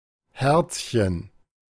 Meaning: 1. diminutive of Herz, particularly a little symbol in the form of ♥ 2. naive, gullible person 3. sweetie pie, darling
- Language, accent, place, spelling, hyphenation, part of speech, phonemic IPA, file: German, Germany, Berlin, Herzchen, Herz‧chen, noun, /hɛʁt͡s.çən/, De-Herzchen.ogg